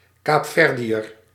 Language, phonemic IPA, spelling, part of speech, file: Dutch, /ˌkaːpˈfɛr.di.ər/, Kaapverdiër, noun, Nl-Kaapverdiër.ogg
- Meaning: Cape Verdean